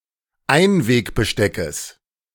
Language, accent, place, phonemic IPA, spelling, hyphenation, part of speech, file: German, Germany, Berlin, /ˈaɪ̯nˌveːkbəˌʃtɛkəs/, Einwegbesteckes, Ein‧weg‧be‧ste‧ckes, noun, De-Einwegbesteckes.ogg
- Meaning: genitive singular of Einwegbesteck